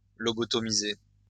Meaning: to lobotomize (North America), to lobotomise (UK, Australia)
- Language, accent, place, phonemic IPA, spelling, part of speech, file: French, France, Lyon, /lɔ.bɔ.tɔ.mi.ze/, lobotomiser, verb, LL-Q150 (fra)-lobotomiser.wav